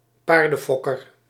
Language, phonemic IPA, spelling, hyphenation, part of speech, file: Dutch, /ˈpaːr.də(n)ˌfɔ.kər/, paardenfokker, paar‧den‧fok‧ker, noun, Nl-paardenfokker.ogg
- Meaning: a horse breeder